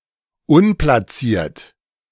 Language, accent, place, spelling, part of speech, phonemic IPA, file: German, Germany, Berlin, unplatziert, adjective, /ˈʊnplaˌt͡siːɐ̯t/, De-unplatziert.ogg
- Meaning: unplaced